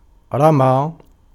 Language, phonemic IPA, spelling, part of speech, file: Arabic, /ra.maː/, رمى, verb, Ar-رمى.ogg
- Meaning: 1. to throw, to toss 2. to throw away, to throw out, to discard 3. to shoot 4. to baselessly accuse, to defame